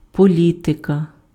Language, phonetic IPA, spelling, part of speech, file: Ukrainian, [poˈlʲitekɐ], політика, noun, Uk-політика.ogg
- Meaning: 1. policy 2. politics 3. genitive/accusative singular of полі́тик (polítyk)